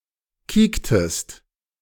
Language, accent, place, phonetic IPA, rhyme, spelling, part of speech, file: German, Germany, Berlin, [ˈkiːktəst], -iːktəst, kiektest, verb, De-kiektest.ogg
- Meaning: inflection of kieken: 1. second-person singular preterite 2. second-person singular subjunctive II